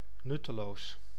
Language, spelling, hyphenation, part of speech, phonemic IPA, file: Dutch, nutteloos, nut‧te‧loos, adjective, /ˈnʏtəˌlos/, Nl-nutteloos.ogg
- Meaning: 1. useless, pointless 2. meaningless, purposeless